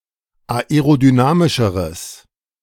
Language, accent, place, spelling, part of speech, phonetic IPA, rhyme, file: German, Germany, Berlin, aerodynamischeres, adjective, [aeʁodyˈnaːmɪʃəʁəs], -aːmɪʃəʁəs, De-aerodynamischeres.ogg
- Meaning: strong/mixed nominative/accusative neuter singular comparative degree of aerodynamisch